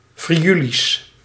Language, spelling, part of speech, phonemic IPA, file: Dutch, Friulisch, proper noun, /friˈylis/, Nl-Friulisch.ogg
- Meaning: Friulian (language spoken in Friuli)